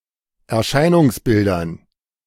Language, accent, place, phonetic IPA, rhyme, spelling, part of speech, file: German, Germany, Berlin, [ɛɐ̯ˈʃaɪ̯nʊŋsˌbɪldɐn], -aɪ̯nʊŋsbɪldɐn, Erscheinungsbildern, noun, De-Erscheinungsbildern.ogg
- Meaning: dative plural of Erscheinungsbild